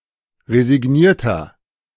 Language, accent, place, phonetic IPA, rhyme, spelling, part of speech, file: German, Germany, Berlin, [ʁezɪˈɡniːɐ̯tɐ], -iːɐ̯tɐ, resignierter, adjective, De-resignierter.ogg
- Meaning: 1. comparative degree of resigniert 2. inflection of resigniert: strong/mixed nominative masculine singular 3. inflection of resigniert: strong genitive/dative feminine singular